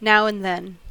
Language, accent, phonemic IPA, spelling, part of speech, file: English, US, /ˌnaʊ ən(d)ˈðɛn/, now and then, adverb, En-us-now and then.ogg
- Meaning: Synonym of occasionally, sometimes, intermittently